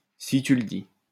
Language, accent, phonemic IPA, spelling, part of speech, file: French, France, /si ty l(ə) di/, si tu le dis, interjection, LL-Q150 (fra)-si tu le dis.wav
- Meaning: if you say so